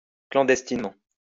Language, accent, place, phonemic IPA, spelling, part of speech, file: French, France, Lyon, /klɑ̃.dɛs.tin.mɑ̃/, clandestinement, adverb, LL-Q150 (fra)-clandestinement.wav
- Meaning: clandestinely